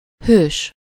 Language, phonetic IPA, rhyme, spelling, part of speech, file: Hungarian, [ˈhøːʃ], -øːʃ, hős, noun, Hu-hős.ogg
- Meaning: 1. hero 2. synonym of főszereplő (“protagonist”)